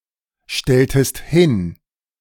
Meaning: inflection of hinstellen: 1. second-person singular preterite 2. second-person singular subjunctive II
- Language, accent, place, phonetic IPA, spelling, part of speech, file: German, Germany, Berlin, [ˌʃtɛltəst ˈhɪn], stelltest hin, verb, De-stelltest hin.ogg